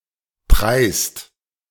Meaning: inflection of preisen: 1. second-person singular/plural present 2. third-person singular present 3. plural imperative
- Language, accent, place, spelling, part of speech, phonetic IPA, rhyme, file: German, Germany, Berlin, preist, verb, [pʁaɪ̯st], -aɪ̯st, De-preist.ogg